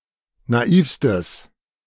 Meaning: strong/mixed nominative/accusative neuter singular superlative degree of naiv
- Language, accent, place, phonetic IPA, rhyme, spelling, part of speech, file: German, Germany, Berlin, [naˈiːfstəs], -iːfstəs, naivstes, adjective, De-naivstes.ogg